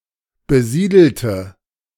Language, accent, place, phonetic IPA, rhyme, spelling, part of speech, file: German, Germany, Berlin, [bəˈziːdl̩tə], -iːdl̩tə, besiedelte, adjective / verb, De-besiedelte.ogg
- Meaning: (adjective) inflection of besiedelt: 1. strong/mixed nominative/accusative feminine singular 2. strong nominative/accusative plural 3. weak nominative all-gender singular